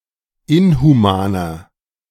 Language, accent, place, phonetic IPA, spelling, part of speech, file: German, Germany, Berlin, [ˈɪnhuˌmaːnɐ], inhumaner, adjective, De-inhumaner.ogg
- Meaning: 1. comparative degree of inhuman 2. inflection of inhuman: strong/mixed nominative masculine singular 3. inflection of inhuman: strong genitive/dative feminine singular